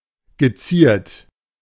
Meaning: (verb) past participle of zieren; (adjective) affected (manners, speech etc.)
- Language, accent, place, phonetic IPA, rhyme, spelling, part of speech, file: German, Germany, Berlin, [ɡəˈt͡siːɐ̯t], -iːɐ̯t, geziert, verb, De-geziert.ogg